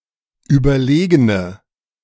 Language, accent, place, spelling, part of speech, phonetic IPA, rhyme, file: German, Germany, Berlin, überlegene, adjective, [ˌyːbɐˈleːɡənə], -eːɡənə, De-überlegene.ogg
- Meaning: inflection of überlegen: 1. strong/mixed nominative/accusative feminine singular 2. strong nominative/accusative plural 3. weak nominative all-gender singular